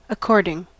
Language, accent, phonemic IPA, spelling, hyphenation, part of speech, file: English, US, /əˈkɔɹ.dɪŋ/, according, ac‧cord‧ing, verb / adjective / adverb, En-us-according.ogg
- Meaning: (verb) present participle and gerund of accord; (adjective) Agreeing; in agreement or harmony; harmonious; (adverb) Accordingly; correspondingly